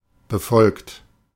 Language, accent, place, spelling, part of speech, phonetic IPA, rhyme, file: German, Germany, Berlin, befolgt, verb, [bəˈfɔlkt], -ɔlkt, De-befolgt.ogg
- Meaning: 1. past participle of befolgen 2. inflection of befolgen: second-person plural present 3. inflection of befolgen: third-person singular present 4. inflection of befolgen: plural imperative